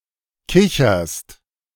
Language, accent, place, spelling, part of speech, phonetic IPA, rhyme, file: German, Germany, Berlin, kicherst, verb, [ˈkɪçɐst], -ɪçɐst, De-kicherst.ogg
- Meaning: second-person singular present of kichern